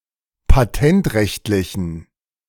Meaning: inflection of patentrechtlich: 1. strong genitive masculine/neuter singular 2. weak/mixed genitive/dative all-gender singular 3. strong/weak/mixed accusative masculine singular 4. strong dative plural
- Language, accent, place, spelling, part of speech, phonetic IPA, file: German, Germany, Berlin, patentrechtlichen, adjective, [paˈtɛntˌʁɛçtlɪçn̩], De-patentrechtlichen.ogg